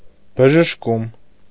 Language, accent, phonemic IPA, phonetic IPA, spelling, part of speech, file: Armenian, Eastern Armenian, /bəʒəʃˈkum/, [bəʒəʃkúm], բժշկում, noun, Hy-բժշկում.ogg
- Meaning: medical treatment; therapy; cure; healing